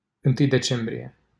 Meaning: 1. a commune of Ilfov County, Romania 2. a village in 1 Decembrie, Ilfov County, Romania 3. a village in Banca, Vaslui County, Romania
- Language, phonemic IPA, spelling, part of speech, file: Romanian, /ɨnˈtɨj deˈt͡ʃembrije/, 1 Decembrie, proper noun, LL-Q7913 (ron)-1 Decembrie.wav